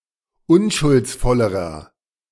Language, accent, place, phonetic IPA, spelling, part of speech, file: German, Germany, Berlin, [ˈʊnʃʊlt͡sˌfɔləʁɐ], unschuldsvollerer, adjective, De-unschuldsvollerer.ogg
- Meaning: inflection of unschuldsvoll: 1. strong/mixed nominative masculine singular comparative degree 2. strong genitive/dative feminine singular comparative degree